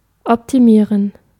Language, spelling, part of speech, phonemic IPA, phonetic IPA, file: German, optimieren, verb, /ɔptiˈmiːʁən/, [ʔɔpʰtʰiˈmiːɐ̯n], De-optimieren.ogg
- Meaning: to optimize